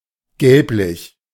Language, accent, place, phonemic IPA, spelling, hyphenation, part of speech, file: German, Germany, Berlin, /ˈɡɛlplɪç/, gelblich, gelb‧lich, adjective, De-gelblich.ogg
- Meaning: yellowish